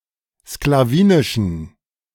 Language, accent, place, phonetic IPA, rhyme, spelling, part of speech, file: German, Germany, Berlin, [sklaˈviːnɪʃn̩], -iːnɪʃn̩, sklawinischen, adjective, De-sklawinischen.ogg
- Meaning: inflection of sklawinisch: 1. strong genitive masculine/neuter singular 2. weak/mixed genitive/dative all-gender singular 3. strong/weak/mixed accusative masculine singular 4. strong dative plural